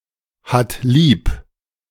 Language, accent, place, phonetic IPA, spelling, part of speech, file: German, Germany, Berlin, [ˌhat ˈliːp], hat lieb, verb, De-hat lieb.ogg
- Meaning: third-person singular present of lieb haben